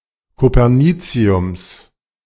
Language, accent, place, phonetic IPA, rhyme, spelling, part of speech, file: German, Germany, Berlin, [kopɛʁˈniːt͡si̯ʊms], -iːt͡si̯ʊms, Coperniciums, noun, De-Coperniciums.ogg
- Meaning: genitive singular of Copernicium